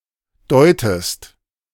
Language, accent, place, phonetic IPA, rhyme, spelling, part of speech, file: German, Germany, Berlin, [ˈdɔɪ̯təst], -ɔɪ̯təst, deutest, verb, De-deutest.ogg
- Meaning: inflection of deuten: 1. second-person singular present 2. second-person singular subjunctive I